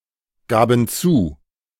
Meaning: first/third-person plural preterite of zugeben
- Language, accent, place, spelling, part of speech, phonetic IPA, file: German, Germany, Berlin, gaben zu, verb, [ˌɡaːbn̩ ˈt͡suː], De-gaben zu.ogg